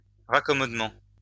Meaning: reconciliation
- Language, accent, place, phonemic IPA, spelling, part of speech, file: French, France, Lyon, /ʁa.kɔ.mɔd.mɑ̃/, raccommodement, noun, LL-Q150 (fra)-raccommodement.wav